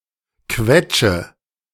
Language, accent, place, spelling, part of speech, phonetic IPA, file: German, Germany, Berlin, quetsche, verb, [ˈkvɛ.tʃə], De-quetsche.ogg
- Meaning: inflection of quetschen: 1. first-person singular present 2. first/third-person singular subjunctive I 3. singular imperative